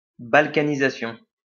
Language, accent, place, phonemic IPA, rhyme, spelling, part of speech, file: French, France, Lyon, /bal.ka.ni.za.sjɔ̃/, -jɔ̃, balkanisation, noun, LL-Q150 (fra)-balkanisation.wav
- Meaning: Balkanisation